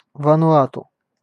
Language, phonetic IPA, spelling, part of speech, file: Russian, [vənʊˈatʊ], Вануату, proper noun, Ru-Вануату.ogg
- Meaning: Vanuatu (a country and archipelago of Melanesia in Oceania)